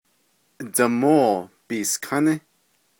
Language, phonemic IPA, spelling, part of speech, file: Navajo, /tɑ̀môː pìːskʰánɪ́/, Damóo Biiskání, noun, Nv-Damóo Biiskání.ogg
- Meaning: Monday